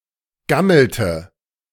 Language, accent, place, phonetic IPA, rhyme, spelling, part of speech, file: German, Germany, Berlin, [ˈɡaml̩tə], -aml̩tə, gammelte, verb, De-gammelte.ogg
- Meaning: inflection of gammeln: 1. first/third-person singular preterite 2. first/third-person singular subjunctive II